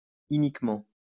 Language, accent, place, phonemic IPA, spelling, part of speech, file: French, France, Lyon, /i.nik.mɑ̃/, iniquement, adverb, LL-Q150 (fra)-iniquement.wav
- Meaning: 1. iniquitously 2. unfairly